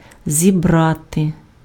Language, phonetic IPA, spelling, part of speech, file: Ukrainian, [zʲiˈbrate], зібрати, verb, Uk-зібрати.ogg
- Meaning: 1. to gather, to collect 2. to harvest, to gather in (:crops) 3. to assemble 4. to convoke, to convene 5. to equip, to prepare (for a journey)